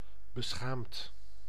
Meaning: ashamed
- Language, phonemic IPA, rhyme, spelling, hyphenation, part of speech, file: Dutch, /bəˈsxaːmt/, -aːmt, beschaamd, be‧schaamd, adjective, Nl-beschaamd.ogg